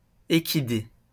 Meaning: equid
- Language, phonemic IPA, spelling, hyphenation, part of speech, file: French, /e.ki.de/, équidé, é‧qui‧dé, noun, LL-Q150 (fra)-équidé.wav